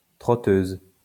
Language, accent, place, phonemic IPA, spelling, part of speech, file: French, France, Lyon, /tʁɔ.tøz/, trotteuse, noun, LL-Q150 (fra)-trotteuse.wav
- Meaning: trotter (a horse with a gait in which the front and back legs on opposite sides take a step together alternating with the other set of opposite legs)